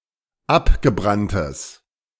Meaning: strong/mixed nominative/accusative neuter singular of abgebrannt
- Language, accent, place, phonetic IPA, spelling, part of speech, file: German, Germany, Berlin, [ˈapɡəˌbʁantəs], abgebranntes, adjective, De-abgebranntes.ogg